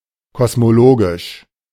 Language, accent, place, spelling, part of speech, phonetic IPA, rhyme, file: German, Germany, Berlin, kosmologisch, adjective, [kɔsmoˈloːɡɪʃ], -oːɡɪʃ, De-kosmologisch.ogg
- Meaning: cosmological